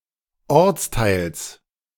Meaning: genitive singular of Ortsteil
- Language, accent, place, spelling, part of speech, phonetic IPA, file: German, Germany, Berlin, Ortsteils, noun, [ˈɔʁt͡sˌtaɪ̯ls], De-Ortsteils.ogg